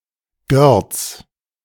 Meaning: Gorizia (a town in Italy)
- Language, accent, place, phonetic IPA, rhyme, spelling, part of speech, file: German, Germany, Berlin, [ɡœʁt͡s], -œʁt͡s, Görz, proper noun, De-Görz.ogg